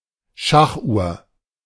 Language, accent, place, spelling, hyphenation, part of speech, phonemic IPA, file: German, Germany, Berlin, Schachuhr, Schach‧uhr, noun, /ˈʃaxˌʔuːɐ̯/, De-Schachuhr.ogg
- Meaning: chess clock